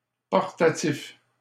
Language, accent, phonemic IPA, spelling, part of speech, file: French, Canada, /pɔʁ.ta.tif/, portatif, adjective, LL-Q150 (fra)-portatif.wav
- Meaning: portable